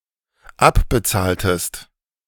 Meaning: inflection of abbezahlen: 1. second-person singular dependent preterite 2. second-person singular dependent subjunctive II
- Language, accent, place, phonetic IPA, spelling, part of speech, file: German, Germany, Berlin, [ˈapbəˌt͡saːltəst], abbezahltest, verb, De-abbezahltest.ogg